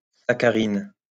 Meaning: saccharin
- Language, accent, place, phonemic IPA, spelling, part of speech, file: French, France, Lyon, /sa.ka.ʁin/, saccharine, noun, LL-Q150 (fra)-saccharine.wav